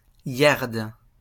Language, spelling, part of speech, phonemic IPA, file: French, yard, noun, /jaʁd/, LL-Q150 (fra)-yard.wav
- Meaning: yard (unit of length)